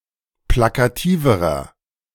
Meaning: inflection of plakativ: 1. strong/mixed nominative masculine singular comparative degree 2. strong genitive/dative feminine singular comparative degree 3. strong genitive plural comparative degree
- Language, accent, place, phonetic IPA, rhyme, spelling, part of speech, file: German, Germany, Berlin, [ˌplakaˈtiːvəʁɐ], -iːvəʁɐ, plakativerer, adjective, De-plakativerer.ogg